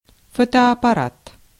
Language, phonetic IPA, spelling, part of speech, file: Russian, [ˌfotɐɐpɐˈrat], фотоаппарат, noun, Ru-фотоаппарат.ogg
- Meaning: still camera